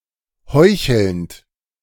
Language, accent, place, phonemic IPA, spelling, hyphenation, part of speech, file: German, Germany, Berlin, /ˈhɔʏ̯çəlnt/, heuchelnd, heu‧chelnd, verb, De-heuchelnd.ogg
- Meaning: present participle of heucheln